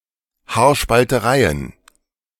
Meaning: plural of Haarspalterei
- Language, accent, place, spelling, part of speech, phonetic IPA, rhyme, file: German, Germany, Berlin, Haarspaltereien, noun, [haːɐ̯ʃpaltəˈʁaɪ̯ən], -aɪ̯ən, De-Haarspaltereien.ogg